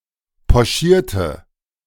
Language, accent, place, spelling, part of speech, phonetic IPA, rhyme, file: German, Germany, Berlin, pochierte, adjective / verb, [pɔˈʃiːɐ̯tə], -iːɐ̯tə, De-pochierte.ogg
- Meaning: inflection of pochieren: 1. first/third-person singular preterite 2. first/third-person singular subjunctive II